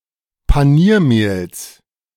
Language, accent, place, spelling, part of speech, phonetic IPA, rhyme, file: German, Germany, Berlin, Paniermehls, noun, [paˈniːɐ̯ˌmeːls], -iːɐ̯meːls, De-Paniermehls.ogg
- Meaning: genitive singular of Paniermehl